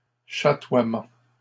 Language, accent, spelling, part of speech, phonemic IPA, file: French, Canada, chatoiements, noun, /ʃa.twa.mɑ̃/, LL-Q150 (fra)-chatoiements.wav
- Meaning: plural of chatoiement